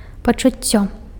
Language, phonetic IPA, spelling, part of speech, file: Belarusian, [pat͡ʂuˈt͡sʲːo], пачуццё, noun, Be-пачуццё.ogg
- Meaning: 1. sense 2. feeling 3. emotion